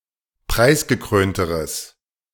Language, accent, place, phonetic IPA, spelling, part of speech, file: German, Germany, Berlin, [ˈpʁaɪ̯sɡəˌkʁøːntəʁəs], preisgekrönteres, adjective, De-preisgekrönteres.ogg
- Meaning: strong/mixed nominative/accusative neuter singular comparative degree of preisgekrönt